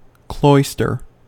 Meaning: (noun) A covered walk with an open colonnade on one side, running along the walls of buildings that surround a quadrangle; especially: such an arcade in a monastery;
- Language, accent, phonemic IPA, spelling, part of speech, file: English, US, /ˈklɔɪstɚ/, cloister, noun / verb, En-us-cloister.ogg